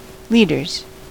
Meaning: plural of leader
- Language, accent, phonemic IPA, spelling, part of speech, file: English, US, /ˈli.dɚz/, leaders, noun, En-us-leaders.ogg